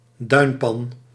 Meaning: dune valley; a bowl-shaped depression between dunes
- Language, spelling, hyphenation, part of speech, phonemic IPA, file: Dutch, duinpan, duin‧pan, noun, /ˈdœy̯n.pɑn/, Nl-duinpan.ogg